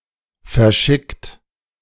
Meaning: 1. past participle of verschicken 2. inflection of verschicken: third-person singular present 3. inflection of verschicken: second-person plural present 4. inflection of verschicken: plural imperative
- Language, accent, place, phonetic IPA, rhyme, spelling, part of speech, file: German, Germany, Berlin, [fɛɐ̯ˈʃɪkt], -ɪkt, verschickt, verb, De-verschickt.ogg